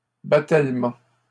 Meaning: a gutter, typically on a roof, consisting of a double set of tiles
- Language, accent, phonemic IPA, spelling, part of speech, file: French, Canada, /ba.tɛl.mɑ̃/, battellement, noun, LL-Q150 (fra)-battellement.wav